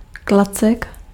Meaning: 1. stick, club, branch 2. penis 3. young yob, young lout (ill-mannered boy or adolescent)
- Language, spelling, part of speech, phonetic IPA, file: Czech, klacek, noun, [ˈklat͡sɛk], Cs-klacek.ogg